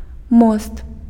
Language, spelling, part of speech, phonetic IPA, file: Belarusian, мост, noun, [most], Be-мост.ogg
- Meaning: bridge